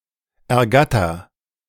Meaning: inflection of ergattern: 1. first-person singular present 2. singular imperative
- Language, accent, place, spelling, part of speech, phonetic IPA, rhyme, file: German, Germany, Berlin, ergatter, verb, [ɛɐ̯ˈɡatɐ], -atɐ, De-ergatter.ogg